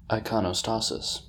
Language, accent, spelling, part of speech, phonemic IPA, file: English, US, iconostasis, noun, /ˌaɪkəˈnɒstəsɪs/, En-us-iconostasis.ogg
- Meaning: A wall of icons between the sanctuary and the nave in an Eastern Orthodox church